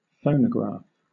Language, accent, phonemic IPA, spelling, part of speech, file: English, Southern England, /ˈfəʊnəˌɡɹɑːf/, phonograph, noun / verb, LL-Q1860 (eng)-phonograph.wav
- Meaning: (noun) 1. A device that captures sound waves onto an engraved archive; a lathe 2. A device that records or plays sound from cylinder records 3. A record player